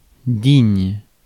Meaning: 1. worthy 2. having dignity; dignified
- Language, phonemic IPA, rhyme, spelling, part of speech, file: French, /diɲ/, -iɲ, digne, adjective, Fr-digne.ogg